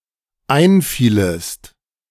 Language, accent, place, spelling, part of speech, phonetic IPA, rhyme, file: German, Germany, Berlin, einfielest, verb, [ˈaɪ̯nˌfiːləst], -aɪ̯nfiːləst, De-einfielest.ogg
- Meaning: second-person singular dependent subjunctive II of einfallen